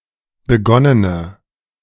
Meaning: inflection of begonnen: 1. strong/mixed nominative/accusative feminine singular 2. strong nominative/accusative plural 3. weak nominative all-gender singular
- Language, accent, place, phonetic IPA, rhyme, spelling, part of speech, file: German, Germany, Berlin, [bəˈɡɔnənə], -ɔnənə, begonnene, adjective, De-begonnene.ogg